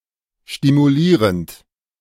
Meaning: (verb) present participle of stimulieren; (adjective) 1. stimulating 2. provocative
- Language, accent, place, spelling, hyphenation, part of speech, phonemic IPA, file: German, Germany, Berlin, stimulierend, sti‧mu‧lie‧rend, verb / adjective, /ʃtimuˈliːʁənt/, De-stimulierend.ogg